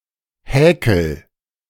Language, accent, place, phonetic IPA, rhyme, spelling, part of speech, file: German, Germany, Berlin, [ˈhɛːkl̩], -ɛːkl̩, häkel, verb, De-häkel.ogg
- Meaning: inflection of häkeln: 1. first-person singular present 2. singular imperative